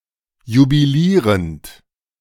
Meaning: present participle of jubilieren
- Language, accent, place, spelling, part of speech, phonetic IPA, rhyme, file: German, Germany, Berlin, jubilierend, verb, [jubiˈliːʁənt], -iːʁənt, De-jubilierend.ogg